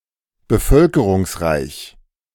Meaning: populous
- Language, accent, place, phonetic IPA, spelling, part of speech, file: German, Germany, Berlin, [bəˈfœlkəʁʊŋsˌʁaɪ̯ç], bevölkerungsreich, adjective, De-bevölkerungsreich.ogg